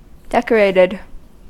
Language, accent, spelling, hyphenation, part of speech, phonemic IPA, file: English, US, decorated, dec‧or‧ated, adjective / verb, /ˈdɛkəɹeɪtɪd/, En-us-decorated.ogg
- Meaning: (adjective) 1. Having had decorations applied; adorned with attractive items 2. Having received prizes, awards, laurels, etc 3. In one of the styles of English Gothic architecture